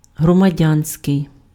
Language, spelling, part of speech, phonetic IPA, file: Ukrainian, громадянський, adjective, [ɦrɔmɐˈdʲanʲsʲkei̯], Uk-громадянський.ogg
- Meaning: 1. civic (of or relating to the citizen or citizenship) 2. civil (having to do with people and government office as opposed to the military or religion)